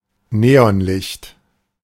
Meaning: neon light
- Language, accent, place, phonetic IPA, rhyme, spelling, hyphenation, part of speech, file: German, Germany, Berlin, [ˈneɔnˌlɪçt], -ɪçt, Neonlicht, Ne‧on‧licht, noun, De-Neonlicht.ogg